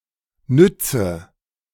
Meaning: inflection of nützen: 1. first-person singular present 2. first/third-person singular subjunctive I 3. singular imperative
- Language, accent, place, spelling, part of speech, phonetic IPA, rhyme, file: German, Germany, Berlin, nütze, verb, [ˈnʏt͡sə], -ʏt͡sə, De-nütze.ogg